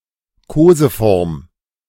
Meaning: affectionate form
- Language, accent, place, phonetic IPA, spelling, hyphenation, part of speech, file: German, Germany, Berlin, [ˈkoːzəˌfɔʁm], Koseform, Ko‧se‧form, noun, De-Koseform.ogg